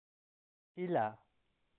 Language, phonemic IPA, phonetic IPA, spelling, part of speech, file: Pashto, /hi.la/, [hí.lä], هيله, noun, Hīla.ogg
- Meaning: hope